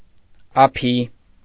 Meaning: 1. father 2. honouring address to old people
- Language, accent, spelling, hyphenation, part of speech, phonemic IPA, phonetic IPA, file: Armenian, Eastern Armenian, ափի, ա‧փի, noun, /ɑˈpʰi/, [ɑpʰí], Hy-ափի.ogg